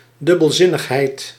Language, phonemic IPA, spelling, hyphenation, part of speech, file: Dutch, /ˌdʏ.bəlˈzɪ.nəx.ɦɛi̯t/, dubbelzinnigheid, dub‧bel‧zin‧nig‧heid, noun, Nl-dubbelzinnigheid.ogg
- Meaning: 1. ambiguity 2. double entendre